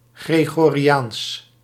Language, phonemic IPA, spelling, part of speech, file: Dutch, /ˌɣreɣoriˈjans/, gregoriaans, adjective / noun, Nl-gregoriaans.ogg
- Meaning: Gregorian